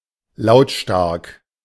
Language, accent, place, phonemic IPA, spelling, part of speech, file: German, Germany, Berlin, /ˈlaʊ̯tˌʃtaʁk/, lautstark, adjective, De-lautstark.ogg
- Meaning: noisy, loud (especially of ongoing sources of noise, like arguments, protesting, machinery, etc.)